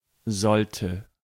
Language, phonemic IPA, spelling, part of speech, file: German, /ˈzɔltə/, sollte, verb, De-sollte.ogg
- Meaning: inflection of sollen: 1. first/third-person singular preterite 2. first/third-person singular subjunctive II